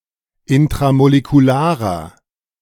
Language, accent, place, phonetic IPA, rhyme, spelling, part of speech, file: German, Germany, Berlin, [ɪntʁamolekuˈlaːʁɐ], -aːʁɐ, intramolekularer, adjective, De-intramolekularer.ogg
- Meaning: inflection of intramolekular: 1. strong/mixed nominative masculine singular 2. strong genitive/dative feminine singular 3. strong genitive plural